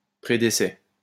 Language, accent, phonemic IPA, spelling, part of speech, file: French, France, /pʁe.de.sɛ/, prédécès, noun, LL-Q150 (fra)-prédécès.wav
- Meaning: predecease (anterior death)